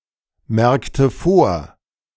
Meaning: inflection of vormerken: 1. first/third-person singular preterite 2. first/third-person singular subjunctive II
- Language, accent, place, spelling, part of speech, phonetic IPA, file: German, Germany, Berlin, merkte vor, verb, [ˌmɛʁktə ˈfoːɐ̯], De-merkte vor.ogg